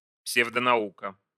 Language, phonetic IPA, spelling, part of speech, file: Russian, [ˌpsʲevdənɐˈukə], псевдонаука, noun, Ru-псевдонаука.ogg
- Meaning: pseudoscience